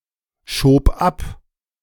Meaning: first/third-person singular preterite of abschieben
- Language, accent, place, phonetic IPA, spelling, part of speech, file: German, Germany, Berlin, [ˌʃoːp ˈap], schob ab, verb, De-schob ab.ogg